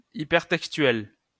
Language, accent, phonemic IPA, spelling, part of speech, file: French, France, /i.pɛʁ.tɛk.stɥɛl/, hypertextuel, adjective, LL-Q150 (fra)-hypertextuel.wav
- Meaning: hypertextual